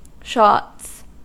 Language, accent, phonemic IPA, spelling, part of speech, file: English, US, /ʃɑts/, shots, noun / verb, En-us-shots.ogg
- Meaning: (noun) plural of shot; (verb) third-person singular simple present indicative of shot